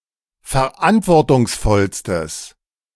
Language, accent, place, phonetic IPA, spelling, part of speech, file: German, Germany, Berlin, [fɛɐ̯ˈʔantvɔʁtʊŋsˌfɔlstəs], verantwortungsvollstes, adjective, De-verantwortungsvollstes.ogg
- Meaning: strong/mixed nominative/accusative neuter singular superlative degree of verantwortungsvoll